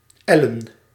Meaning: plural of l
- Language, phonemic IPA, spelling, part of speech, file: Dutch, /ɛlɘ(n)/, l'en, noun, Nl-l'en.ogg